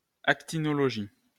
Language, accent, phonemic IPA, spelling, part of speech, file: French, France, /ak.ti.nɔ.lɔ.ʒi/, actinologie, noun, LL-Q150 (fra)-actinologie.wav
- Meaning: actinology